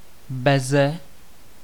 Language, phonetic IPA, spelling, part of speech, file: Czech, [ˈbɛzɛ], beze, preposition, Cs-beze.ogg
- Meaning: without